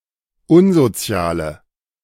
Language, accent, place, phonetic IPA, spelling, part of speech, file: German, Germany, Berlin, [ˈʊnzoˌt͡si̯aːlə], unsoziale, adjective, De-unsoziale.ogg
- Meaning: inflection of unsozial: 1. strong/mixed nominative/accusative feminine singular 2. strong nominative/accusative plural 3. weak nominative all-gender singular